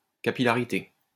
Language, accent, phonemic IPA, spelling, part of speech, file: French, France, /ka.pi.la.ʁi.te/, capillarité, noun, LL-Q150 (fra)-capillarité.wav
- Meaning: capillarity; capillary action